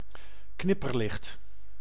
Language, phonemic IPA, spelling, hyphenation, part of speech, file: Dutch, /ˈknɪ.pərˌlɪxt/, knipperlicht, knip‧per‧licht, noun, Nl-knipperlicht.ogg
- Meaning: flashing light, blinker (light that intermittently flashes or a light source that produces such a light)